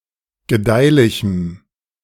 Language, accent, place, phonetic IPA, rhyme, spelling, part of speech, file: German, Germany, Berlin, [ɡəˈdaɪ̯lɪçm̩], -aɪ̯lɪçm̩, gedeihlichem, adjective, De-gedeihlichem.ogg
- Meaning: strong dative masculine/neuter singular of gedeihlich